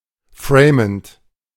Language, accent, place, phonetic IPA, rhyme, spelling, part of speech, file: German, Germany, Berlin, [ˈfʁeːmənt], -eːmənt, framend, verb, De-framend.ogg
- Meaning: present participle of framen